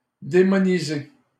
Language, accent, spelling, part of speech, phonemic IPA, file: French, Canada, démoniser, verb, /de.mɔ.ni.ze/, LL-Q150 (fra)-démoniser.wav
- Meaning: to demonize